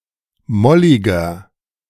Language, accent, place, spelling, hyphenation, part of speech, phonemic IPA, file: German, Germany, Berlin, molliger, mol‧li‧ger, adjective, /ˈmɔlɪɡɐ/, De-molliger.ogg
- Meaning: 1. comparative degree of mollig 2. inflection of mollig: strong/mixed nominative masculine singular 3. inflection of mollig: strong genitive/dative feminine singular